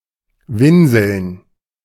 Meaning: to whine, to whimper
- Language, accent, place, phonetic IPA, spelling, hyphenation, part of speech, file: German, Germany, Berlin, [ˈvɪnzl̩n], winseln, win‧seln, verb, De-winseln.ogg